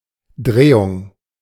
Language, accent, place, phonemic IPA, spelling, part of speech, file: German, Germany, Berlin, /ˈdʁeːʊŋ/, Drehung, noun, De-Drehung.ogg
- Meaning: rotation, turn